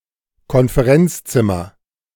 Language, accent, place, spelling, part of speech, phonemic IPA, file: German, Germany, Berlin, Konferenzzimmer, noun, /kɔn.feˈʁɛnts.tsɪ.mɐ/, De-Konferenzzimmer.ogg
- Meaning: 1. conference room 2. teacher's lounge